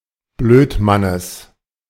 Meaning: genitive singular of Blödmann
- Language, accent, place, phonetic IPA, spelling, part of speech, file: German, Germany, Berlin, [ˈbløːtˌmanəs], Blödmannes, noun, De-Blödmannes.ogg